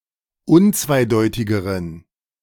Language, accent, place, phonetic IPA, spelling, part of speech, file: German, Germany, Berlin, [ˈʊnt͡svaɪ̯ˌdɔɪ̯tɪɡəʁən], unzweideutigeren, adjective, De-unzweideutigeren.ogg
- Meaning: inflection of unzweideutig: 1. strong genitive masculine/neuter singular comparative degree 2. weak/mixed genitive/dative all-gender singular comparative degree